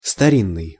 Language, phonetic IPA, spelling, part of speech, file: Russian, [stɐˈrʲinːɨj], старинный, adjective, Ru-старинный.ogg
- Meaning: 1. antique, ancient, olden, age-old 2. old e.g. of relationships